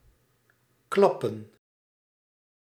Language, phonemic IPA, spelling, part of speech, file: Dutch, /ˈklɑpə(n)/, klappen, verb / noun, Nl-klappen.ogg
- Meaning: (verb) 1. to clap (make sound or music with the hands) 2. to applaud (clap hands in order to praise) 3. to smack, strike rather hard and/or loud 4. to crack with a loud sound, like a whip 5. to burst